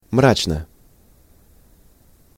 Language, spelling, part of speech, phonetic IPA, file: Russian, мрачно, adverb / adjective, [ˈmrat͡ɕnə], Ru-мрачно.ogg
- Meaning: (adverb) darkly, gloomily; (adjective) short neuter singular of мра́чный (mráčnyj)